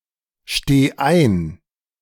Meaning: singular imperative of einstehen
- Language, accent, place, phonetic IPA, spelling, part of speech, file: German, Germany, Berlin, [ˌʃteː ˈaɪ̯n], steh ein, verb, De-steh ein.ogg